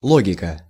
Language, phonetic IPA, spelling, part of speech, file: Russian, [ˈɫoɡʲɪkə], логика, noun, Ru-логика.ogg
- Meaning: 1. logic 2. genitive/accusative singular of ло́гик (lógik)